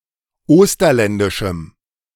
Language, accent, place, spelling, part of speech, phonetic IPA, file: German, Germany, Berlin, osterländischem, adjective, [ˈoːstɐlɛndɪʃm̩], De-osterländischem.ogg
- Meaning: strong dative masculine/neuter singular of osterländisch